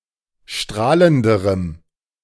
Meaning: strong dative masculine/neuter singular comparative degree of strahlend
- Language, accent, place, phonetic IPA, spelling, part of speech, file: German, Germany, Berlin, [ˈʃtʁaːləndəʁəm], strahlenderem, adjective, De-strahlenderem.ogg